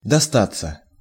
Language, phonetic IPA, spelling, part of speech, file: Russian, [dɐˈstat͡sːə], достаться, verb, Ru-достаться.ogg
- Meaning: 1. to fall to someone's share; to fall to someone's lot 2. passive of доста́ть (dostátʹ)